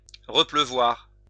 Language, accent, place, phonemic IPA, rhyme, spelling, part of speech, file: French, France, Lyon, /ʁə.plø.vwaʁ/, -waʁ, repleuvoir, verb, LL-Q150 (fra)-repleuvoir.wav
- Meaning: to rain again, to rain for a second time